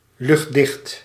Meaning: airtight
- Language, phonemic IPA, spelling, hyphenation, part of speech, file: Dutch, /lʏxtˈdɪxt/, luchtdicht, lucht‧dicht, adjective, Nl-luchtdicht.ogg